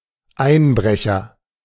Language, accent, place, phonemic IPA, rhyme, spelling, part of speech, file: German, Germany, Berlin, /ˈaɪ̯nˌbʁɛçɐ/, -ɛçɐ, Einbrecher, noun, De-Einbrecher.ogg
- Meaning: agent noun of einbrechen; burglar, picklock, housebreaker